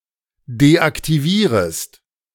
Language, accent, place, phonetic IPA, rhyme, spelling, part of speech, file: German, Germany, Berlin, [deʔaktiˈviːʁəst], -iːʁəst, deaktivierest, verb, De-deaktivierest.ogg
- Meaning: second-person singular subjunctive I of deaktivieren